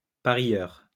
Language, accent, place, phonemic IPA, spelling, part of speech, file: French, France, Lyon, /pa.ʁjœʁ/, parieur, noun, LL-Q150 (fra)-parieur.wav
- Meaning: gambler